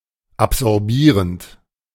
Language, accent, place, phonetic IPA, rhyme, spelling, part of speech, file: German, Germany, Berlin, [apzɔʁˈbiːʁənt], -iːʁənt, absorbierend, verb, De-absorbierend.ogg
- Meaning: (verb) present participle of absorbieren; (adjective) absorbing